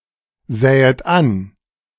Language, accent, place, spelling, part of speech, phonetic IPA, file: German, Germany, Berlin, sähet an, verb, [ˌzɛːət ˈan], De-sähet an.ogg
- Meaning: second-person plural subjunctive II of ansehen